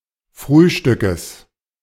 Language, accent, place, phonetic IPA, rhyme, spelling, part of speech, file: German, Germany, Berlin, [ˈfʁyːʃtʏkəs], -yːʃtʏkəs, Frühstückes, noun, De-Frühstückes.ogg
- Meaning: genitive singular of Frühstück